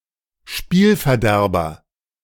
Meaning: spoilsport, killjoy
- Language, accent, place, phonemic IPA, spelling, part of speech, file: German, Germany, Berlin, /ˈʃpiːlfɛɐ̯ˌdɛʁbɐ/, Spielverderber, noun, De-Spielverderber.ogg